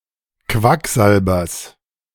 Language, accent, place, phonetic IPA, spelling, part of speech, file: German, Germany, Berlin, [ˈkvakˌzalbɐs], Quacksalbers, noun, De-Quacksalbers.ogg
- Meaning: genitive singular of Quacksalber